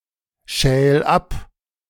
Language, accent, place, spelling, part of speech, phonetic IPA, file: German, Germany, Berlin, schäl ab, verb, [ˌʃɛːl ˈap], De-schäl ab.ogg
- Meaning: 1. singular imperative of abschälen 2. first-person singular present of abschälen